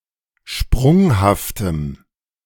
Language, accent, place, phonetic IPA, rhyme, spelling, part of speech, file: German, Germany, Berlin, [ˈʃpʁʊŋhaftəm], -ʊŋhaftəm, sprunghaftem, adjective, De-sprunghaftem.ogg
- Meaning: strong dative masculine/neuter singular of sprunghaft